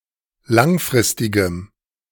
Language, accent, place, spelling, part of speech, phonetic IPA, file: German, Germany, Berlin, langfristigem, adjective, [ˈlaŋˌfʁɪstɪɡəm], De-langfristigem.ogg
- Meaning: strong dative masculine/neuter singular of langfristig